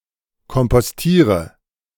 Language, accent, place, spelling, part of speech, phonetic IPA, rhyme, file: German, Germany, Berlin, kompostiere, verb, [kɔmpɔsˈtiːʁə], -iːʁə, De-kompostiere.ogg
- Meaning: inflection of kompostieren: 1. first-person singular present 2. singular imperative 3. first/third-person singular subjunctive I